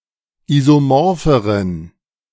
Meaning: inflection of isomorph: 1. strong genitive masculine/neuter singular comparative degree 2. weak/mixed genitive/dative all-gender singular comparative degree
- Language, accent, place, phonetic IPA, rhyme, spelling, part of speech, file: German, Germany, Berlin, [ˌizoˈmɔʁfəʁən], -ɔʁfəʁən, isomorpheren, adjective, De-isomorpheren.ogg